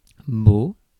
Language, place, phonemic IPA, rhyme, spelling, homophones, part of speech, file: French, Paris, /bo/, -o, beau, bau / baud / bauds / baux / bot, adjective / noun / adverb, Fr-beau.ogg
- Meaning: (adjective) 1. handsome, fine, attractive 2. nice 3. fair (weather); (noun) boyfriend; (adverb) in vain